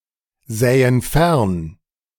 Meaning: first/third-person plural subjunctive II of fernsehen
- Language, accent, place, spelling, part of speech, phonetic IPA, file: German, Germany, Berlin, sähen fern, verb, [ˌzɛːən ˈfɛʁn], De-sähen fern.ogg